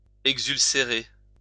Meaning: to exulcerate, chafe
- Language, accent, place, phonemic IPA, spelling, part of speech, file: French, France, Lyon, /ɛɡ.zyl.se.ʁe/, exulcérer, verb, LL-Q150 (fra)-exulcérer.wav